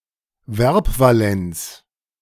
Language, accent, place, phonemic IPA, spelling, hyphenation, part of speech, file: German, Germany, Berlin, /ˈvɛʁpvaˌlɛnt͡s/, Verbvalenz, Verb‧va‧lenz, noun, De-Verbvalenz.ogg
- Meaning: verb valency